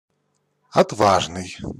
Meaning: valiant, brave, courageous, gallant
- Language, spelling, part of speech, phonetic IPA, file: Russian, отважный, adjective, [ɐtˈvaʐnɨj], Ru-отважный.ogg